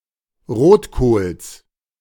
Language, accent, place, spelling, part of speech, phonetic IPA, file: German, Germany, Berlin, Rotkohls, noun, [ˈʁoːtˌkoːls], De-Rotkohls.ogg
- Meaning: genitive of Rotkohl